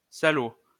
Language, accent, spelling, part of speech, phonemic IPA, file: French, France, salaud, noun / adjective, /sa.lo/, LL-Q150 (fra)-salaud.wav
- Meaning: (noun) 1. bastard, wretch 2. slob; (adjective) vile, base